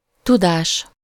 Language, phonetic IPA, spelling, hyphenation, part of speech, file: Hungarian, [ˈtudaːʃ], tudás, tu‧dás, noun, Hu-tudás.ogg
- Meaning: knowledge